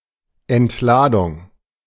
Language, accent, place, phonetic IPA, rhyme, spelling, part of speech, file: German, Germany, Berlin, [ɛntˈlaːdʊŋ], -aːdʊŋ, Entladung, noun, De-Entladung.ogg
- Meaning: discharge, unloading, venting